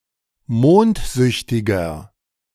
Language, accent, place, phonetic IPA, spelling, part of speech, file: German, Germany, Berlin, [ˈmoːntˌzʏçtɪɡɐ], mondsüchtiger, adjective, De-mondsüchtiger.ogg
- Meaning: 1. comparative degree of mondsüchtig 2. inflection of mondsüchtig: strong/mixed nominative masculine singular 3. inflection of mondsüchtig: strong genitive/dative feminine singular